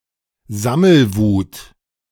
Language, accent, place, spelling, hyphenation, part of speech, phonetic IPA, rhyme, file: German, Germany, Berlin, Sammelwut, Sam‧mel‧wut, noun, [ˈzaml̩ˌvuːt], -uːt, De-Sammelwut.ogg
- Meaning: collecting mania